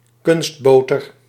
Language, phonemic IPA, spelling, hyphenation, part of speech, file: Dutch, /ˈkʏnstˌboː.tər/, kunstboter, kunst‧bo‧ter, noun, Nl-kunstboter.ogg
- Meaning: a spread used as a butter substitute, especially margarine